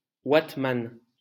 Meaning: tram driver
- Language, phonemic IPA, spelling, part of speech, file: French, /wat.man/, wattman, noun, LL-Q150 (fra)-wattman.wav